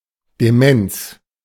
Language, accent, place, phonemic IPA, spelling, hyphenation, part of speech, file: German, Germany, Berlin, /deˈmɛnt͡s/, Demenz, De‧menz, noun, De-Demenz.ogg
- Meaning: dementia